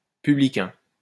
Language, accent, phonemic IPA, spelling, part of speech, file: French, France, /py.bli.kɛ̃/, publicain, noun, LL-Q150 (fra)-publicain.wav